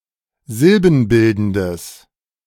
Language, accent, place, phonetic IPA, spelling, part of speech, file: German, Germany, Berlin, [ˈzɪlbn̩ˌbɪldn̩dəs], silbenbildendes, adjective, De-silbenbildendes.ogg
- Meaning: strong/mixed nominative/accusative neuter singular of silbenbildend